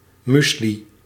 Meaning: 1. a breakfast and snack granola food 2. mixed food for herbivores
- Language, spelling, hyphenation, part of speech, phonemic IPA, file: Dutch, muesli, mues‧li, noun, /ˈmysli/, Nl-muesli.ogg